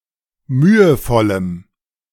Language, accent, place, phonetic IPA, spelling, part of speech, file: German, Germany, Berlin, [ˈmyːəˌfɔləm], mühevollem, adjective, De-mühevollem.ogg
- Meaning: strong dative masculine/neuter singular of mühevoll